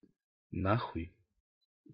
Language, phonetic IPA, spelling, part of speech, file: Russian, [ˈna‿xʊj], на хуй, adverb / phrase / interjection, Ru-на хуй.ogg
- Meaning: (adverb) 1. the fuck away, off, the fuck out, the fuck up, fucking 2. completely, permanently, decisively; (phrase) fuck (someone/something) (used to express contempt)